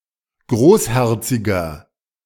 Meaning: 1. comparative degree of großherzig 2. inflection of großherzig: strong/mixed nominative masculine singular 3. inflection of großherzig: strong genitive/dative feminine singular
- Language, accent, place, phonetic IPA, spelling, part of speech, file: German, Germany, Berlin, [ˈɡʁoːsˌhɛʁt͡sɪɡɐ], großherziger, adjective, De-großherziger.ogg